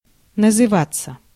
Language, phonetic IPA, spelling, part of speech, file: Russian, [nəzɨˈvat͡sːə], называться, verb, Ru-называться.ogg
- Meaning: 1. to identify oneself, to give one’s name 2. to be called, to be named 3. passive of называ́ть (nazyvátʹ)